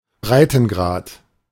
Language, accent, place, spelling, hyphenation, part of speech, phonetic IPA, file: German, Germany, Berlin, Breitengrad, Brei‧ten‧grad, noun, [ˈbʀaɪ̯tn̩ˌɡʀaːt], De-Breitengrad.ogg
- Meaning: latitude